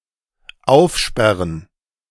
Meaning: 1. to unlock, to open 2. to open wide
- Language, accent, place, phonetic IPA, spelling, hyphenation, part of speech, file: German, Germany, Berlin, [ˈʔaʊ̯fʃpɛʁən], aufsperren, auf‧sper‧ren, verb, De-aufsperren.ogg